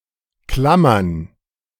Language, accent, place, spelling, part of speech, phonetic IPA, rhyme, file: German, Germany, Berlin, Klammern, noun, [ˈklamɐn], -amɐn, De-Klammern.ogg
- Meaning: plural of Klammer